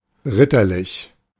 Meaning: chivalrous, knightly
- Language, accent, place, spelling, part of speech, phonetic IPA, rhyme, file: German, Germany, Berlin, ritterlich, adjective, [ˈʁɪtɐˌlɪç], -ɪtɐlɪç, De-ritterlich.ogg